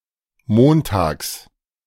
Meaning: genitive singular of Montag
- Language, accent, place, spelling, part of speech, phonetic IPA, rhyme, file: German, Germany, Berlin, Montags, noun, [ˈmoːntaːks], -oːntaːks, De-Montags.ogg